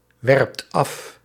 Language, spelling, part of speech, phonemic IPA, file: Dutch, werpt af, verb, /ˈwɛrᵊpt ˈɑf/, Nl-werpt af.ogg
- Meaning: inflection of afwerpen: 1. second/third-person singular present indicative 2. plural imperative